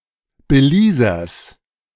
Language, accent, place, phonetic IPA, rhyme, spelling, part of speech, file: German, Germany, Berlin, [bəˈliːzɐs], -iːzɐs, Belizers, noun, De-Belizers.ogg
- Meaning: genitive singular of Belizer